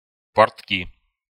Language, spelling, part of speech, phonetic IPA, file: Russian, портки, noun, [pɐrtˈkʲi], Ru-портки.ogg
- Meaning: pants, trousers